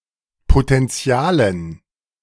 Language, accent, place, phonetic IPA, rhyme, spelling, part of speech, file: German, Germany, Berlin, [potɛnˈt͡si̯aːlən], -aːlən, Potentialen, noun, De-Potentialen.ogg
- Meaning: dative plural of Potential